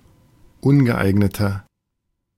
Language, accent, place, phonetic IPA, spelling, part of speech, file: German, Germany, Berlin, [ˈʊnɡəˌʔaɪ̯ɡnətɐ], ungeeigneter, adjective, De-ungeeigneter.ogg
- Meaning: 1. comparative degree of ungeeignet 2. inflection of ungeeignet: strong/mixed nominative masculine singular 3. inflection of ungeeignet: strong genitive/dative feminine singular